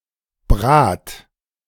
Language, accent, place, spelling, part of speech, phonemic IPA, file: German, Germany, Berlin, Brat, noun, /bʁaːt/, De-Brat.ogg
- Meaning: synonym of Brät